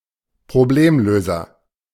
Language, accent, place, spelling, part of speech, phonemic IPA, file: German, Germany, Berlin, Problemlöser, noun, /pʁoˈbleːmˌløːzɐ/, De-Problemlöser.ogg
- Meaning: problem solver